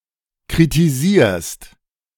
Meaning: second-person singular present of kritisieren
- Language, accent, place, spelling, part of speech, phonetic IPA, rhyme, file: German, Germany, Berlin, kritisierst, verb, [kʁitiˈziːɐ̯st], -iːɐ̯st, De-kritisierst.ogg